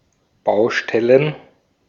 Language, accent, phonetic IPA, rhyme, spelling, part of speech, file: German, Austria, [ˈbaʊ̯ˌʃtɛlən], -aʊ̯ʃtɛlən, Baustellen, noun, De-at-Baustellen.ogg
- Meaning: plural of Baustelle